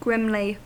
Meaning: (adjective) Grim-looking, grim-natured; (adverb) In a grim manner
- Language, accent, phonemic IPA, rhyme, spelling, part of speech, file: English, US, /ˈɡɹɪmli/, -ɪmli, grimly, adjective / adverb, En-us-grimly.ogg